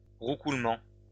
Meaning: coo (of dove, pigeon etc.)
- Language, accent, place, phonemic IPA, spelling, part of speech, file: French, France, Lyon, /ʁu.kul.mɑ̃/, roucoulement, noun, LL-Q150 (fra)-roucoulement.wav